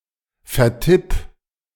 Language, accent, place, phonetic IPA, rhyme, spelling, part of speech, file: German, Germany, Berlin, [fɛɐ̯ˈtɪp], -ɪp, vertipp, verb, De-vertipp.ogg
- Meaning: singular imperative of vertippen